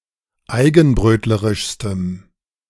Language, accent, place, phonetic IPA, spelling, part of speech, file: German, Germany, Berlin, [ˈaɪ̯ɡn̩ˌbʁøːtləʁɪʃstəm], eigenbrötlerischstem, adjective, De-eigenbrötlerischstem.ogg
- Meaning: strong dative masculine/neuter singular superlative degree of eigenbrötlerisch